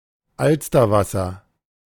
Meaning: shandy (beer mixed with lemonade)
- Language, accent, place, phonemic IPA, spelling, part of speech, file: German, Germany, Berlin, /ˈalstɐˌvasɐ/, Alsterwasser, noun, De-Alsterwasser.ogg